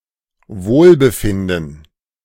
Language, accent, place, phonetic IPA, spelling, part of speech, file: German, Germany, Berlin, [ˈvoːlbəˌfɪndn̩], Wohlbefinden, noun, De-Wohlbefinden.ogg
- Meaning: well-being